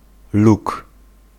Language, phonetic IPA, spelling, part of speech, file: Polish, [luk], luk, noun, Pl-luk.ogg